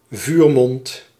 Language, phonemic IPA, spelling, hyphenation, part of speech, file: Dutch, /ˈvyːr.mɔnt/, vuurmond, vuur‧mond, noun, Nl-vuurmond.ogg
- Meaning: 1. the muzzle and chamber of a gun, especially of a piece of artillery 2. a cannon, artillery piece